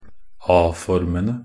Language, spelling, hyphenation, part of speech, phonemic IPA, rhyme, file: Norwegian Bokmål, a-formene, a-‧for‧me‧ne, noun, /ˈɑː.fɔrmənə/, -ənə, Nb-a-formene.ogg
- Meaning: definite plural of a-form